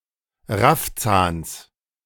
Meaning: genitive singular of Raffzahn
- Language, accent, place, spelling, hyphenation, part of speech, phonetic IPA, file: German, Germany, Berlin, Raffzahns, Raff‧zahns, noun, [ˈʁafˌt͡saːns], De-Raffzahns.ogg